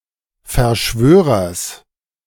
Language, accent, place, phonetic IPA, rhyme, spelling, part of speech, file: German, Germany, Berlin, [fɛɐ̯ˈʃvøːʁɐs], -øːʁɐs, Verschwörers, noun, De-Verschwörers.ogg
- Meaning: genitive singular of Verschwörer